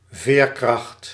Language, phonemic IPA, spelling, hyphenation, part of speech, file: Dutch, /ˈveːr.krɑxt/, veerkracht, veer‧kracht, noun, Nl-veerkracht.ogg
- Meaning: 1. resilience 2. elasticity